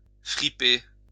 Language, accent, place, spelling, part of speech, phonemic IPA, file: French, France, Lyon, friper, verb, /fʁi.pe/, LL-Q150 (fra)-friper.wav
- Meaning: to crumple, crush, wrinkle